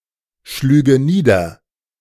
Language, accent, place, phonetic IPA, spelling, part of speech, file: German, Germany, Berlin, [ˌʃlyːɡə ˈniːdɐ], schlüge nieder, verb, De-schlüge nieder.ogg
- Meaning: first/third-person singular subjunctive II of niederschlagen